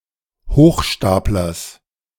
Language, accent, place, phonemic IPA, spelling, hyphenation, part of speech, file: German, Germany, Berlin, /ˈhoːxˌʃtaːp.lɐs/, Hochstaplers, Hoch‧stap‧lers, noun, De-Hochstaplers.ogg
- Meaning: genitive singular of Hochstapler